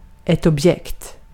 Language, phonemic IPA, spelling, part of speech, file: Swedish, /ɔbˈjɛkt/, objekt, noun, Sv-objekt.ogg
- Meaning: 1. an object (thing) 2. an object